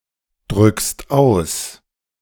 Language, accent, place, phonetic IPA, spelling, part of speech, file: German, Germany, Berlin, [ˌdʁʏkst ˈaʊ̯s], drückst aus, verb, De-drückst aus.ogg
- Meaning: second-person singular present of ausdrücken